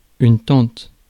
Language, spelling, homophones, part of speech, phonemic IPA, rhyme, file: French, tente, tante / tantes / tentent / tentes, noun / verb, /tɑ̃t/, -ɑ̃t, Fr-tente.ogg
- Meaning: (noun) tent; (verb) first/third-person singular present of tenter